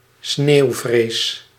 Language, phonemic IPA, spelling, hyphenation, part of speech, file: Dutch, /ˈsneːu̯.freːs/, sneeuwfrees, sneeuw‧frees, noun, Nl-sneeuwfrees.ogg
- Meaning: rotary snow plough, rotary snow plow